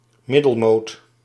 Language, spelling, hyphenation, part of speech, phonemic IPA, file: Dutch, middelmoot, mid‧del‧moot, noun, /ˈmɪ.dəlˌmoːt/, Nl-middelmoot.ogg
- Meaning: archaic form of middenmoot